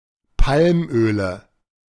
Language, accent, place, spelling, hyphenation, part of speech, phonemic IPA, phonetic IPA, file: German, Germany, Berlin, Palmöle, Palm‧ö‧le, noun, /ˈpalmøːləs/, [ˈpʰalmʔøːlə], De-Palmöle.ogg
- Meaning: nominative/accusative/genitive plural of Palmöl